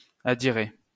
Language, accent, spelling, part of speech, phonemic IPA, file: French, France, adirer, verb, /a.di.ʁe/, LL-Q150 (fra)-adirer.wav
- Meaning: to lose, misplace